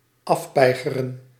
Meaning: to tire out, to exhaust, to wear out
- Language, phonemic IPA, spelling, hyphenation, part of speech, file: Dutch, /ˈɑfˌpɛi̯.ɣə.rə(n)/, afpeigeren, af‧pei‧ge‧ren, verb, Nl-afpeigeren.ogg